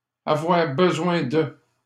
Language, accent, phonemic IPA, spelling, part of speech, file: French, Canada, /a.vwaʁ bə.zwɛ̃ də/, avoir besoin de, verb, LL-Q150 (fra)-avoir besoin de.wav
- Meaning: to need